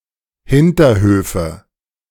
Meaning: nominative/accusative/genitive plural of Hinterhof
- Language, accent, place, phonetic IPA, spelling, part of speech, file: German, Germany, Berlin, [ˈhɪntɐˌhøːfə], Hinterhöfe, noun, De-Hinterhöfe.ogg